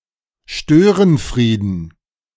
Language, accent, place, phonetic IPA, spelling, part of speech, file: German, Germany, Berlin, [ˈʃtøːʁənˌfʁiːdn̩], Störenfrieden, noun, De-Störenfrieden.ogg
- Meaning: dative plural of Störenfried